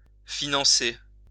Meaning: to fund
- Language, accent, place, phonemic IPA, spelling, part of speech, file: French, France, Lyon, /fi.nɑ̃.se/, financer, verb, LL-Q150 (fra)-financer.wav